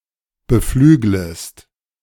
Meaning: second-person singular subjunctive I of beflügeln
- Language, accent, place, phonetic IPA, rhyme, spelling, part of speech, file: German, Germany, Berlin, [bəˈflyːɡləst], -yːɡləst, beflüglest, verb, De-beflüglest.ogg